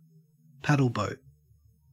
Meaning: 1. A boat propelled by a paddle wheel 2. a pedalo
- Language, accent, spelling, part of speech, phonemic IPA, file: English, Australia, paddleboat, noun, /ˈpædəlˌbəʉt/, En-au-paddleboat.ogg